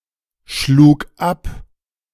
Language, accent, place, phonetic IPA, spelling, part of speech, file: German, Germany, Berlin, [ˌʃluːk ˈap], schlug ab, verb, De-schlug ab.ogg
- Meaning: first/third-person singular preterite of abschlagen